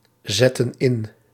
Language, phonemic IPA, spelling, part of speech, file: Dutch, /ˈzɛtə(n) ˈɪn/, zetten in, verb, Nl-zetten in.ogg
- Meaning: inflection of inzetten: 1. plural present/past indicative 2. plural present/past subjunctive